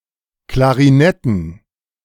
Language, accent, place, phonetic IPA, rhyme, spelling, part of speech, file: German, Germany, Berlin, [klaʁiˈnɛtn̩], -ɛtn̩, Klarinetten, noun, De-Klarinetten.ogg
- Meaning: plural of Klarinette